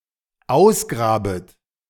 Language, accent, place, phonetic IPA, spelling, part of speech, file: German, Germany, Berlin, [ˈaʊ̯sˌɡʁaːbət], ausgrabet, verb, De-ausgrabet.ogg
- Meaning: second-person plural dependent subjunctive I of ausgraben